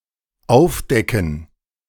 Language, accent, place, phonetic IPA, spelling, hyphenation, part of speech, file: German, Germany, Berlin, [ˈaʊ̯fˌdɛkn̩], aufdecken, auf‧de‧cken, verb, De-aufdecken2.ogg
- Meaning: 1. to uncover, to remove the cover 2. to expose, uncover, unearth 3. to reveal